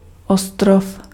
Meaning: island (land surrounded by water)
- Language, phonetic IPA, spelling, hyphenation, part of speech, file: Czech, [ˈostrof], ostrov, os‧t‧rov, noun, Cs-ostrov.ogg